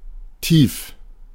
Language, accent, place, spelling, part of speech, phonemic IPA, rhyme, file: German, Germany, Berlin, tief, adjective, /tiːf/, -iːf, De-tief.ogg
- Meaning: 1. deep (having a long distance to the bottom; of bodies of water, wells, etc.) 2. deep, profound (intense or significant) 3. low (situated close to, or below, the ground)